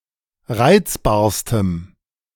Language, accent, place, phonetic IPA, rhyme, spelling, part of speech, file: German, Germany, Berlin, [ˈʁaɪ̯t͡sbaːɐ̯stəm], -aɪ̯t͡sbaːɐ̯stəm, reizbarstem, adjective, De-reizbarstem.ogg
- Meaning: strong dative masculine/neuter singular superlative degree of reizbar